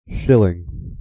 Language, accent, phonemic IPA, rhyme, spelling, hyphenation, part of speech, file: English, General American, /ˈʃɪlɪŋ/, -ɪlɪŋ, shilling, shil‧ling, noun / verb, En-us-shilling.ogg
- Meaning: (noun) A coin formerly used in the United Kingdom, Ireland, Malta, Australia, New Zealand and many other Commonwealth countries worth twelve old pence, or one twentieth of a pound sterling